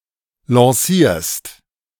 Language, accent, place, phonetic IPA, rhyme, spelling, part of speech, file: German, Germany, Berlin, [lɑ̃ˈsiːɐ̯st], -iːɐ̯st, lancierst, verb, De-lancierst.ogg
- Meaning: second-person singular present of lancieren